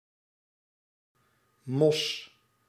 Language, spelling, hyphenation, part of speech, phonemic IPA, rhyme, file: Dutch, mos, mos, noun, /mɔs/, -ɔs, Nl-mos.ogg
- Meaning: 1. moss (small seedless plant(s) growing on surfaces) 2. lichen (symbiotic association(s) of algae and fungi) 3. swamp, marsh